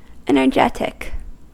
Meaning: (adjective) 1. Possessing or pertaining to energy 2. Characterised by force or vigour; full of energy; lively, vigorous, furious 3. Having powerful effects; efficacious, potent
- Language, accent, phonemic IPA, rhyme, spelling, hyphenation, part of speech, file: English, US, /ˌɛn.əɹˈdʒɛt.ɪk/, -ɛtɪk, energetic, en‧er‧get‧ic, adjective / noun, En-us-energetic.ogg